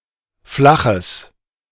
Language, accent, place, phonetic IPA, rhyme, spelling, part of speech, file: German, Germany, Berlin, [ˈflaxəs], -axəs, flaches, adjective, De-flaches.ogg
- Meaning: strong/mixed nominative/accusative neuter singular of flach